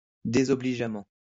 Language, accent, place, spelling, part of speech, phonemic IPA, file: French, France, Lyon, désobligeamment, adverb, /de.zɔ.bli.ʒa.mɑ̃/, LL-Q150 (fra)-désobligeamment.wav
- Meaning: disparagingly